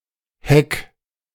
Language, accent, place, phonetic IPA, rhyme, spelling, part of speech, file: German, Germany, Berlin, [hɛk], -ɛk, heck, verb, De-heck.ogg
- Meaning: 1. singular imperative of hecken 2. first-person singular present of hecken